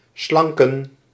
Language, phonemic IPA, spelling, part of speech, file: Dutch, /ˈslɑŋkə(n)/, slanken, verb, Nl-slanken.ogg
- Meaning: to become slim